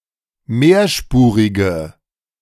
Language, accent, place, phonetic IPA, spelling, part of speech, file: German, Germany, Berlin, [ˈmeːɐ̯ˌʃpuːʁɪɡə], mehrspurige, adjective, De-mehrspurige.ogg
- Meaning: inflection of mehrspurig: 1. strong/mixed nominative/accusative feminine singular 2. strong nominative/accusative plural 3. weak nominative all-gender singular